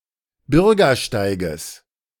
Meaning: genitive singular of Bürgersteig
- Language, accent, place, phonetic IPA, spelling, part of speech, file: German, Germany, Berlin, [ˈbʏʁɡɐˌʃtaɪ̯ɡəs], Bürgersteiges, noun, De-Bürgersteiges.ogg